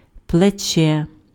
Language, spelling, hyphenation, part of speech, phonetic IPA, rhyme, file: Ukrainian, плече, пле‧че, noun, [pɫeˈt͡ʃɛ], -t͡ʃɛ, Uk-плече.ogg
- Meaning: shoulder